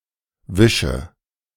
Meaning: inflection of wischen: 1. first-person singular present 2. first/third-person singular subjunctive I 3. singular imperative
- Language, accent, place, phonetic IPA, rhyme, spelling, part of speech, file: German, Germany, Berlin, [ˈvɪʃə], -ɪʃə, wische, verb, De-wische.ogg